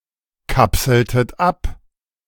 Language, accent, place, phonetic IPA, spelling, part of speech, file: German, Germany, Berlin, [ˌkapsl̩tət ˈap], kapseltet ab, verb, De-kapseltet ab.ogg
- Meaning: inflection of abkapseln: 1. second-person plural preterite 2. second-person plural subjunctive II